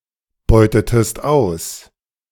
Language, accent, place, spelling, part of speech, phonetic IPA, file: German, Germany, Berlin, beutetest aus, verb, [ˌbɔɪ̯tətəst ˈaʊ̯s], De-beutetest aus.ogg
- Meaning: inflection of ausbeuten: 1. second-person singular preterite 2. second-person singular subjunctive II